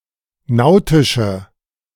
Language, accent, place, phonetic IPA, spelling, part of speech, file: German, Germany, Berlin, [ˈnaʊ̯tɪʃə], nautische, adjective, De-nautische.ogg
- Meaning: inflection of nautisch: 1. strong/mixed nominative/accusative feminine singular 2. strong nominative/accusative plural 3. weak nominative all-gender singular